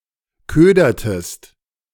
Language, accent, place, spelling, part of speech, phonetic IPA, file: German, Germany, Berlin, ködertest, verb, [ˈkøːdɐtəst], De-ködertest.ogg
- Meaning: inflection of ködern: 1. second-person singular preterite 2. second-person singular subjunctive II